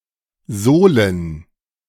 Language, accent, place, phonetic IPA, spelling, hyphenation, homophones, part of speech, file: German, Germany, Berlin, [ˈzoːlən], Sohlen, Soh‧len, Solen, noun, De-Sohlen.ogg
- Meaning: plural of Sohle